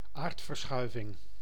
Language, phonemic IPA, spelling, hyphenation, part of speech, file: Dutch, /ˈaːrt.vərˌsxœy̯.vɪŋ/, aardverschuiving, aard‧ver‧schui‧ving, noun, Nl-aardverschuiving.ogg
- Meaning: 1. landslide 2. (political) upheaval